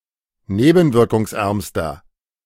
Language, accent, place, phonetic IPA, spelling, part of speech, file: German, Germany, Berlin, [ˈneːbn̩vɪʁkʊŋsˌʔɛʁmstɐ], nebenwirkungsärmster, adjective, De-nebenwirkungsärmster.ogg
- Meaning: inflection of nebenwirkungsarm: 1. strong/mixed nominative masculine singular superlative degree 2. strong genitive/dative feminine singular superlative degree